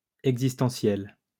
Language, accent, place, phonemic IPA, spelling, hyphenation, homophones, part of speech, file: French, France, Lyon, /ɛɡ.zis.tɑ̃.sjɛl/, existentiel, ex‧is‧ten‧tiel, existentielle / existentielles / existentiels, adjective, LL-Q150 (fra)-existentiel.wav
- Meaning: existential